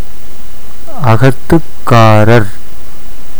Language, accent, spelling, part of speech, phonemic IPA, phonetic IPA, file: Tamil, India, அகத்துக்காரர், noun, /ɐɡɐt̪ːʊkːɑːɾɐɾ/, [ɐɡɐt̪ːʊkːäːɾɐɾ], Ta-அகத்துக்காரர்.ogg
- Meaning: husband (as the owner of the house)